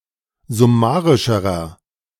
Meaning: inflection of summarisch: 1. strong/mixed nominative masculine singular comparative degree 2. strong genitive/dative feminine singular comparative degree 3. strong genitive plural comparative degree
- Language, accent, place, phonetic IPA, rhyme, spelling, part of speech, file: German, Germany, Berlin, [zʊˈmaːʁɪʃəʁɐ], -aːʁɪʃəʁɐ, summarischerer, adjective, De-summarischerer.ogg